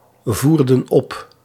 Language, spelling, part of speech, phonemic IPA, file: Dutch, voerden op, verb, /ˈvurdə(n) ˈɔp/, Nl-voerden op.ogg
- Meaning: inflection of opvoeren: 1. plural past indicative 2. plural past subjunctive